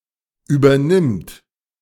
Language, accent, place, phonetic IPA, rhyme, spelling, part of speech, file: German, Germany, Berlin, [ˌyːbɐˈnɪmt], -ɪmt, übernimmt, verb, De-übernimmt.ogg
- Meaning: third-person singular present of übernehmen